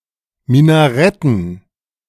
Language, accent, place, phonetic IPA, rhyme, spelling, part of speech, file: German, Germany, Berlin, [minaˈʁɛtn̩], -ɛtn̩, Minaretten, noun, De-Minaretten.ogg
- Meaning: dative plural of Minarett